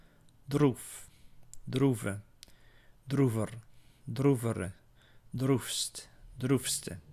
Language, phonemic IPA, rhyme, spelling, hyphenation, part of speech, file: Dutch, /druf/, -uf, droef, droef, adjective / verb, Nl-droef.ogg
- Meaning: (adjective) sad, miserable; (verb) inflection of droeven: 1. first-person singular present indicative 2. second-person singular present indicative 3. imperative